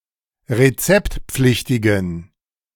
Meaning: inflection of rezeptpflichtig: 1. strong genitive masculine/neuter singular 2. weak/mixed genitive/dative all-gender singular 3. strong/weak/mixed accusative masculine singular 4. strong dative plural
- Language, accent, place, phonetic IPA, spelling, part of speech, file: German, Germany, Berlin, [ʁeˈt͡sɛptˌp͡flɪçtɪɡn̩], rezeptpflichtigen, adjective, De-rezeptpflichtigen.ogg